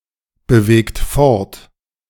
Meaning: inflection of fortbewegen: 1. second-person plural present 2. third-person singular present 3. plural imperative
- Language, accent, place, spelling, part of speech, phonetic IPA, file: German, Germany, Berlin, bewegt fort, verb, [bəˌveːkt ˈfɔʁt], De-bewegt fort.ogg